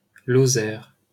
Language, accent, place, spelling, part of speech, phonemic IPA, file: French, France, Paris, Lozère, proper noun, /lɔ.zɛʁ/, LL-Q150 (fra)-Lozère.wav
- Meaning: 1. Lozère (a department of Occitania, France) 2. Lozère (a mountain, the highest peak in the Cévennes mountain range (1699 m), in southern France)